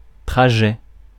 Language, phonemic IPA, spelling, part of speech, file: French, /tʁa.ʒɛ/, trajet, noun, Fr-trajet.ogg
- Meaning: 1. route, course, trajectory 2. ride, run